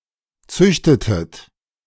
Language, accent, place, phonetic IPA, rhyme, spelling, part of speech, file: German, Germany, Berlin, [ˈt͡sʏçtətət], -ʏçtətət, züchtetet, verb, De-züchtetet.ogg
- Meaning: inflection of züchten: 1. second-person plural preterite 2. second-person plural subjunctive II